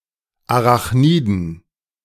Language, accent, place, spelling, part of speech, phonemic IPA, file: German, Germany, Berlin, Arachniden, noun, /aʁaχˈniːdn̩/, De-Arachniden.ogg
- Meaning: plural of Arachnide